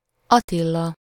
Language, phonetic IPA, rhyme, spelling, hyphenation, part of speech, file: Hungarian, [ˈɒtilːɒ], -lɒ, Attila, At‧ti‧la, proper noun, Hu-Attila.ogg
- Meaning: 1. a male given name 2. Attila the Hun (kingly ruler of the tribe of the Huns and vast Eurasian Hunnic Empire and feared enemy of the Roman Empire, from 434 until his death in 453)